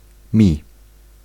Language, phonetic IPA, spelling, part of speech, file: Polish, [mʲi], mi, noun / pronoun, Pl-mi.ogg